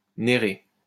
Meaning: African locust bean (Parkia biglobosa)
- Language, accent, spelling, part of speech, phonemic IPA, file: French, France, néré, noun, /ne.ʁe/, LL-Q150 (fra)-néré.wav